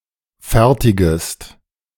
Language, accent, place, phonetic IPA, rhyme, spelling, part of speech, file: German, Germany, Berlin, [ˈfɛʁtɪɡəst], -ɛʁtɪɡəst, fertigest, verb, De-fertigest.ogg
- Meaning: second-person singular subjunctive I of fertigen